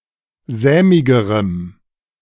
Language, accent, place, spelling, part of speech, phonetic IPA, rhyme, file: German, Germany, Berlin, sämigerem, adjective, [ˈzɛːmɪɡəʁəm], -ɛːmɪɡəʁəm, De-sämigerem.ogg
- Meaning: strong dative masculine/neuter singular comparative degree of sämig